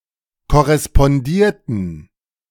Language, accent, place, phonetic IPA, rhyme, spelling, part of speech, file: German, Germany, Berlin, [kɔʁɛspɔnˈdiːɐ̯tn̩], -iːɐ̯tn̩, korrespondierten, verb, De-korrespondierten.ogg
- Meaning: inflection of korrespondieren: 1. first/third-person plural preterite 2. first/third-person plural subjunctive II